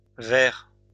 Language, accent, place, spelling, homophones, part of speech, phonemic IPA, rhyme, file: French, France, Lyon, verres, vair / vairs / verre / vers / vert / verts, noun / verb, /vɛʁ/, -ɛʁ, LL-Q150 (fra)-verres.wav
- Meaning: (noun) plural of verre; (verb) second-person singular present indicative/subjunctive of verrer